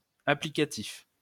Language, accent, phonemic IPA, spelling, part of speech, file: French, France, /a.pli.ka.tif/, applicatif, adjective, LL-Q150 (fra)-applicatif.wav
- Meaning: applicative